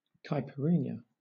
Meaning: A traditional Brazilian alcoholic drink prepared with cachaça, lime juice, sugar, and ice
- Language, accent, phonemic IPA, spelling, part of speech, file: English, Southern England, /ˌkaɪ.pɪˈɹiː.njə/, caipirinha, noun, LL-Q1860 (eng)-caipirinha.wav